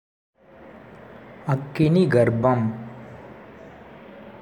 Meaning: 1. sunstone 2. spark
- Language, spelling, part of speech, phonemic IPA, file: Tamil, அக்கினிகர்ப்பம், noun, /ɐkːɪnɪɡɐɾpːɐm/, Ta-அக்கினிகர்ப்பம்.ogg